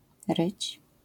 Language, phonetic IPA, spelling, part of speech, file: Polish, [rɨt͡ɕ], ryć, verb, LL-Q809 (pol)-ryć.wav